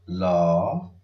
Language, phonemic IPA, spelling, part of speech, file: Odia, /lɔ/, ଲ, character, Or-ଲ.oga
- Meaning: The forty-third character in the Odia abugida